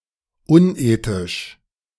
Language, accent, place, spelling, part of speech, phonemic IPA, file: German, Germany, Berlin, unethisch, adjective, /ˈʊnˌʔeːtɪʃ/, De-unethisch.ogg
- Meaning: unethical, immoral